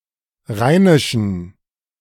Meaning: inflection of rheinisch: 1. strong genitive masculine/neuter singular 2. weak/mixed genitive/dative all-gender singular 3. strong/weak/mixed accusative masculine singular 4. strong dative plural
- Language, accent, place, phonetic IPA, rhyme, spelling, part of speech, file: German, Germany, Berlin, [ˈʁaɪ̯nɪʃn̩], -aɪ̯nɪʃn̩, rheinischen, adjective, De-rheinischen.ogg